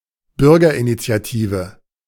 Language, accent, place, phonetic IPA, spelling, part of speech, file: German, Germany, Berlin, [ˈbʏʁɡɐʔinit͡si̯aˌtiːvə], Bürgerinitiative, noun, De-Bürgerinitiative.ogg
- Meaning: citizen action group